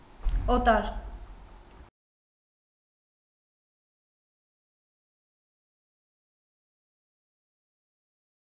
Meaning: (adjective) strange, foreign, alien; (noun) 1. stranger; foreigner 2. a non-Armenian (similar to a goy for Jews)
- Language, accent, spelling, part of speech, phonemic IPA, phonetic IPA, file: Armenian, Eastern Armenian, օտար, adjective / noun, /oˈtɑɾ/, [otɑ́ɾ], Hy-օտար.ogg